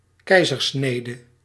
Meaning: Caesarean section
- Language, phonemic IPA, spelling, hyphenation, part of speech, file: Dutch, /ˈkɛizərˌsnedə/, keizersnede, kei‧zer‧sne‧de, noun, Nl-keizersnede.ogg